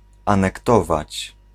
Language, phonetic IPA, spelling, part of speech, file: Polish, [ˌãnɛkˈtɔvat͡ɕ], anektować, verb, Pl-anektować.ogg